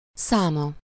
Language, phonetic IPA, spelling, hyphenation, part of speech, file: Hungarian, [ˈsaːmɒ], száma, szá‧ma, noun, Hu-száma.ogg
- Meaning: third-person singular single-possession possessive of szám